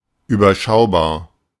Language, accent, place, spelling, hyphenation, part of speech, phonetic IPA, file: German, Germany, Berlin, überschaubar, ü‧ber‧schau‧bar, adjective, [yːbɐˈʃaʊ̯baːɐ̯], De-überschaubar.ogg
- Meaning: 1. assessable 2. comprehensible 3. manageable 4. reasonable 5. straightforward